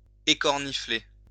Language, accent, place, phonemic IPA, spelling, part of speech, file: French, France, Lyon, /e.kɔʁ.ni.fle/, écornifler, verb, LL-Q150 (fra)-écornifler.wav
- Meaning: 1. to cadge 2. to importune